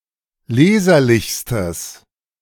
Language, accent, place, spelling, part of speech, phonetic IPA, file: German, Germany, Berlin, leserlichstes, adjective, [ˈleːzɐlɪçstəs], De-leserlichstes.ogg
- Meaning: strong/mixed nominative/accusative neuter singular superlative degree of leserlich